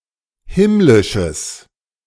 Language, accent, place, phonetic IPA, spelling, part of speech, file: German, Germany, Berlin, [ˈhɪmlɪʃəs], himmlisches, adjective, De-himmlisches.ogg
- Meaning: strong/mixed nominative/accusative neuter singular of himmlisch